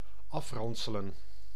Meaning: to beat up
- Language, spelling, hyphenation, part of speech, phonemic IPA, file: Dutch, afranselen, af‧ran‧se‧len, verb, /ˈɑfrɑnsələ(n)/, Nl-afranselen.ogg